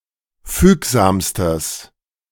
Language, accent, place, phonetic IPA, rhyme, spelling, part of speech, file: German, Germany, Berlin, [ˈfyːkzaːmstəs], -yːkzaːmstəs, fügsamstes, adjective, De-fügsamstes.ogg
- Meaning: strong/mixed nominative/accusative neuter singular superlative degree of fügsam